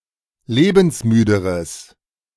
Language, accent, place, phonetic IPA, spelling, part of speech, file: German, Germany, Berlin, [ˈleːbn̩sˌmyːdəʁəs], lebensmüderes, adjective, De-lebensmüderes.ogg
- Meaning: strong/mixed nominative/accusative neuter singular comparative degree of lebensmüde